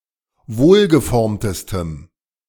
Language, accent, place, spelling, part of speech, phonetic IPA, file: German, Germany, Berlin, wohlgeformtestem, adjective, [ˈvoːlɡəˌfɔʁmtəstəm], De-wohlgeformtestem.ogg
- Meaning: strong dative masculine/neuter singular superlative degree of wohlgeformt